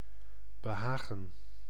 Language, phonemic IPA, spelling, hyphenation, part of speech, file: Dutch, /bəˈɦaːɣə(n)/, behagen, be‧ha‧gen, noun / verb, Nl-behagen.ogg
- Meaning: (noun) pleasure, contentment; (verb) to delight, please, gratify